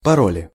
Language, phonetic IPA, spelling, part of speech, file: Russian, [pɐˈrolʲɪ], пароли, noun, Ru-паро́ли.ogg
- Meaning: nominative/accusative plural of паро́ль (parólʹ)